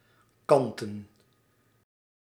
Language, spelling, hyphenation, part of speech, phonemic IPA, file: Dutch, kanten, kan‧ten, adjective / verb / noun, /ˈkɑn.tə(n)/, Nl-kanten.ogg
- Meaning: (adjective) made or consisting of lace; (verb) 1. to make/ give (a) side(s), edge etc 2. to (give a) shape 3. to let graze along the side of a pasture 4. to tilt, notably on a side 5. to (be) tilt(ed)